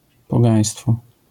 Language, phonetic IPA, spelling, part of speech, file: Polish, [pɔˈɡãj̃stfɔ], pogaństwo, noun, LL-Q809 (pol)-pogaństwo.wav